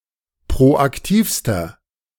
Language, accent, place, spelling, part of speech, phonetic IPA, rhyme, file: German, Germany, Berlin, proaktivster, adjective, [pʁoʔakˈtiːfstɐ], -iːfstɐ, De-proaktivster.ogg
- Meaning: inflection of proaktiv: 1. strong/mixed nominative masculine singular superlative degree 2. strong genitive/dative feminine singular superlative degree 3. strong genitive plural superlative degree